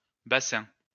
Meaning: plural of bassin
- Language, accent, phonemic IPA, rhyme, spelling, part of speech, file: French, France, /ba.sɛ̃/, -ɛ̃, bassins, noun, LL-Q150 (fra)-bassins.wav